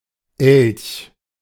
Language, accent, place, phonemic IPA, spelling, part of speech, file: German, Germany, Berlin, /ɛlç/, Elch, noun, De-Elch.ogg
- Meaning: moose (US), elk (UK) (Alces alces)